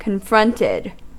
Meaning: simple past and past participle of confront
- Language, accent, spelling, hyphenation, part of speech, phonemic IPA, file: English, US, confronted, con‧front‧ed, verb, /kənˈfɹʌntɪd/, En-us-confronted.ogg